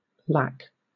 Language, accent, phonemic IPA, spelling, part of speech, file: English, Southern England, /læk/, lac, noun, LL-Q1860 (eng)-lac.wav
- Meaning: 1. A resinous substance or lacquer produced mainly on the banyan tree by the female of Kerria lacca, a scale insect 2. Dated spelling of lakh 3. Clipping of Cadillac 4. Laceration